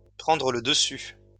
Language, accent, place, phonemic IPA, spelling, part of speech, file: French, France, Lyon, /pʁɑ̃.dʁə lə d(ə).sy/, prendre le dessus, verb, LL-Q150 (fra)-prendre le dessus.wav
- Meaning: to get the upper hand, to gain the upper hand